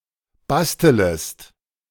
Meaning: second-person singular subjunctive I of basteln
- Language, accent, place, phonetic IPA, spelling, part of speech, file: German, Germany, Berlin, [ˈbastələst], bastelest, verb, De-bastelest.ogg